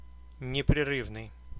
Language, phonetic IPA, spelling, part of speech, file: Russian, [nʲɪprʲɪˈrɨvnɨj], непрерывный, adjective, Ru-непрерывный.ogg
- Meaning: 1. continuous, uninterrupted, unbroken 2. contiguous (connecting without a break) 3. ongoing, continued, continual 4. sustained 5. incessant, ceaseless, unceasing, perpetual